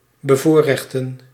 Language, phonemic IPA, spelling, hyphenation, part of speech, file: Dutch, /bəˈvoːrɛxtə(n)/, bevoorrechten, be‧voor‧rech‧ten, verb, Nl-bevoorrechten.ogg
- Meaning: to favor/favour, to privilege